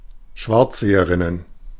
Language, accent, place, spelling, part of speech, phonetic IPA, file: German, Germany, Berlin, Schwarzseherinnen, noun, [ˈʃvaʁt͡szeːəʁɪnən], De-Schwarzseherinnen.ogg
- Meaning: plural of Schwarzseherin